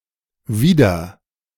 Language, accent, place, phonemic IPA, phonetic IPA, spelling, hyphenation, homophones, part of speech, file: German, Germany, Berlin, /ˈviːdəʁ/, [ˈviːdɐ], wieder-, wie‧der-, wider-, prefix, De-wieder-.ogg
- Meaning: Used to form separable verbs: 1. expressing a return to or renewal of a previous state; re-, again 2. expressing a return to a previous location or into someone's possession; re-, back